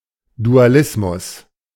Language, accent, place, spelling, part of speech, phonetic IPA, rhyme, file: German, Germany, Berlin, Dualismus, noun, [duaˈlɪsmʊs], -ɪsmʊs, De-Dualismus.ogg
- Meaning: dualism